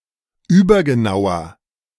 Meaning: inflection of übergenau: 1. strong/mixed nominative masculine singular 2. strong genitive/dative feminine singular 3. strong genitive plural
- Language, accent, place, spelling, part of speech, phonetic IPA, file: German, Germany, Berlin, übergenauer, adjective, [ˈyːbɐɡəˌnaʊ̯ɐ], De-übergenauer.ogg